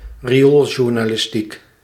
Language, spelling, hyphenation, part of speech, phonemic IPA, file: Dutch, riooljournalistiek, ri‧ool‧jour‧na‧lis‧tiek, noun, /riˈoːl.ʒur.naː.lɪsˌtik/, Nl-riooljournalistiek.ogg
- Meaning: yellow journalism